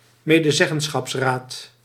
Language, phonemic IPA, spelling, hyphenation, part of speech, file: Dutch, /meː.dəˈzɛ.ɣən.sxɑpsˌraːt/, medezeggenschapsraad, me‧de‧zeg‧gen‧schaps‧raad, noun, Nl-medezeggenschapsraad.ogg
- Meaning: employee council, codetermination council